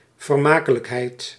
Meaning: 1. entertainment, something entertaining 2. the quality of being entertaining
- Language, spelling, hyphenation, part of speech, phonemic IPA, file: Dutch, vermakelijkheid, ver‧ma‧ke‧lijk‧heid, noun, /vərˈmaː.kə.ləkˌɦɛi̯t/, Nl-vermakelijkheid.ogg